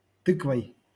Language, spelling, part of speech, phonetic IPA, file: Russian, тыквой, noun, [ˈtɨkvəj], LL-Q7737 (rus)-тыквой.wav
- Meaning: instrumental singular of ты́ква (týkva)